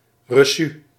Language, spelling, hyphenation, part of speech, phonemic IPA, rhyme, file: Dutch, reçu, re‧çu, noun, /rəˈsy/, -y, Nl-reçu.ogg
- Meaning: receipt